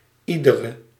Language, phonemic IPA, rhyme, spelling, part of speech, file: Dutch, /ˈi.də.rə/, -idərə, iedere, determiner, Nl-iedere.ogg
- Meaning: inflection of ieder: 1. indefinite masculine/feminine singular attributive 2. indefinite plural attributive